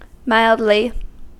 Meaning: 1. In a mild manner 2. To a mild degree; slightly
- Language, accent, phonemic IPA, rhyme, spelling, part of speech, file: English, US, /ˈmaɪldli/, -aɪldli, mildly, adverb, En-us-mildly.ogg